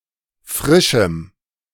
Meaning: strong dative masculine/neuter singular of frisch
- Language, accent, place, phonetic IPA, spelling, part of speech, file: German, Germany, Berlin, [ˈfʁɪʃm̩], frischem, adjective, De-frischem.ogg